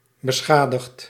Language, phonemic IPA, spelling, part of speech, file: Dutch, /bəˈsxadəxt/, beschadigd, adjective / verb, Nl-beschadigd.ogg
- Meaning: past participle of beschadigen